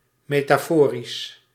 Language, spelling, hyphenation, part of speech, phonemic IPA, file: Dutch, metaforisch, me‧ta‧fo‧risch, adjective, /ˌmeː.taːˈfoː.ris/, Nl-metaforisch.ogg
- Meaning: metaphoric, metaphorical